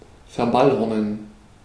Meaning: to distort, to corrupt (to change a word or phrase through folk etymology or general ignorance of the original form, especially when borrowing from a foreign language)
- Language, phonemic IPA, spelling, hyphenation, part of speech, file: German, /fɛɐ̯ˈbalhɔʁnən/, verballhornen, ver‧ball‧hor‧nen, verb, De-verballhornen.ogg